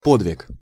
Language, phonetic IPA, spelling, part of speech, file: Russian, [ˈpodvʲɪk], подвиг, noun, Ru-подвиг.ogg
- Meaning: 1. exploit, feat, heroic deed 2. (difficult) labor, struggle 3. motion, progress, advance